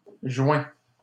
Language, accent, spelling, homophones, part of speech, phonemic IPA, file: French, Canada, joins, joint / joints, verb, /ʒwɛ̃/, LL-Q150 (fra)-joins.wav
- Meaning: inflection of joindre: 1. first/second-person singular present indicative 2. second-person singular imperative